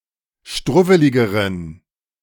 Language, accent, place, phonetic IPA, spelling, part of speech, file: German, Germany, Berlin, [ˈʃtʁʊvəlɪɡəʁən], struwweligeren, adjective, De-struwweligeren.ogg
- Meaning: inflection of struwwelig: 1. strong genitive masculine/neuter singular comparative degree 2. weak/mixed genitive/dative all-gender singular comparative degree